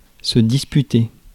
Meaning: 1. to dispute 2. to take part in
- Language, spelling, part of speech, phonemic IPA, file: French, disputer, verb, /dis.py.te/, Fr-disputer.ogg